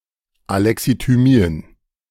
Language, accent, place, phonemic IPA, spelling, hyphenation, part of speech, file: German, Germany, Berlin, /aˌlɛksityˈmiːən/, Alexithymien, Ale‧xi‧thy‧mi‧en, noun, De-Alexithymien.ogg
- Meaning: 1. accusative plural of Alexithymie 2. dative plural of Alexithymie 3. genitive of Alexithymie 4. plural of Alexithymie